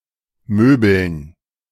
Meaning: plural of Möbel
- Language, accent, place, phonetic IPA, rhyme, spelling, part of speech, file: German, Germany, Berlin, [ˈmøːbl̩n], -øːbl̩n, Möbeln, noun, De-Möbeln.ogg